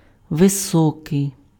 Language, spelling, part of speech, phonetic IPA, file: Ukrainian, високий, adjective, [ʋeˈsɔkei̯], Uk-високий.ogg
- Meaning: 1. high 2. tall 3. elevated